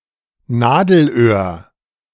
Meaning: 1. eye of a needle 2. bottleneck (narrowing of the road, especially resulting in a delay)
- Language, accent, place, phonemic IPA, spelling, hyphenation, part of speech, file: German, Germany, Berlin, /ˈnaːdl̩ˌʔøːɐ̯/, Nadelöhr, Na‧del‧öhr, noun, De-Nadelöhr.ogg